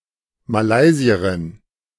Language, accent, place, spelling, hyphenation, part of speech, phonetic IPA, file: German, Germany, Berlin, Malaysierin, Ma‧lay‧si‧e‧rin, noun, [maˈlaɪ̯ziəʁɪn], De-Malaysierin.ogg
- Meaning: A female Malaysian